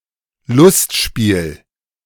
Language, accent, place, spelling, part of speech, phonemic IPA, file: German, Germany, Berlin, Lustspiel, noun, /ˈlʊstˌʃpiːl/, De-Lustspiel.ogg
- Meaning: comedy